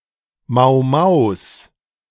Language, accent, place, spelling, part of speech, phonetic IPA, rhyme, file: German, Germany, Berlin, Mau-Maus, noun, [ˈmaʊ̯ˈmaʊ̯s], -aʊ̯s, De-Mau-Maus.ogg
- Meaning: genitive singular of Mau-Mau